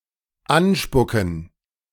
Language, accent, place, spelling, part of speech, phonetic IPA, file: German, Germany, Berlin, anspucken, verb, [ˈanˌʃpʊkn̩], De-anspucken.ogg
- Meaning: to spit at